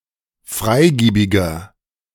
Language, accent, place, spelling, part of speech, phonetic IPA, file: German, Germany, Berlin, freigiebiger, adjective, [ˈfʁaɪ̯ˌɡiːbɪɡɐ], De-freigiebiger.ogg
- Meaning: 1. comparative degree of freigiebig 2. inflection of freigiebig: strong/mixed nominative masculine singular 3. inflection of freigiebig: strong genitive/dative feminine singular